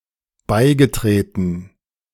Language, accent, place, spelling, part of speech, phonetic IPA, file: German, Germany, Berlin, beigetreten, verb, [ˈbaɪ̯ɡəˌtʁeːtn̩], De-beigetreten.ogg
- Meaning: past participle of beitreten